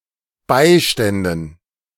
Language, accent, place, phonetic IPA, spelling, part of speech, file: German, Germany, Berlin, [ˈbaɪ̯ˌʃtɛndn̩], Beiständen, noun, De-Beiständen.ogg
- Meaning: dative plural of Beistand